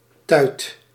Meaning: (noun) 1. a spout 2. lock of hair; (verb) inflection of tuiten: 1. first/second/third-person singular present indicative 2. imperative
- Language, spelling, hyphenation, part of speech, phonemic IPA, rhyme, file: Dutch, tuit, tuit, noun / verb, /tœy̯t/, -œy̯t, Nl-tuit.ogg